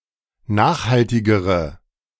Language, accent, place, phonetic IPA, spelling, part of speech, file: German, Germany, Berlin, [ˈnaːxhaltɪɡəʁə], nachhaltigere, adjective, De-nachhaltigere.ogg
- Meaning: inflection of nachhaltig: 1. strong/mixed nominative/accusative feminine singular comparative degree 2. strong nominative/accusative plural comparative degree